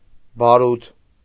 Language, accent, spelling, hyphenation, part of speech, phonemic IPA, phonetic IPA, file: Armenian, Eastern Armenian, բարութ, բա‧րութ, noun, /bɑˈɾutʰ/, [bɑɾútʰ], Hy-բարութ.ogg
- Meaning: gunpowder